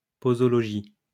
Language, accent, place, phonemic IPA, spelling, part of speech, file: French, France, Lyon, /po.zɔ.lɔ.ʒi/, posologie, noun, LL-Q150 (fra)-posologie.wav
- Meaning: posology